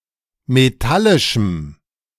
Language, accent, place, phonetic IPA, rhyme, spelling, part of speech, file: German, Germany, Berlin, [meˈtalɪʃm̩], -alɪʃm̩, metallischem, adjective, De-metallischem.ogg
- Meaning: strong dative masculine/neuter singular of metallisch